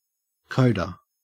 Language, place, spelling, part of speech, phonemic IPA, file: English, Queensland, coda, noun, /ˈkəʉ.də/, En-au-coda.ogg
- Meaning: A passage that brings a movement or piece to a conclusion through prolongation